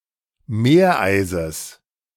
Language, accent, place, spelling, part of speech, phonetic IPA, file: German, Germany, Berlin, Meereises, noun, [ˈmeːɐ̯ˌʔaɪ̯zəs], De-Meereises.ogg
- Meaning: genitive singular of Meereis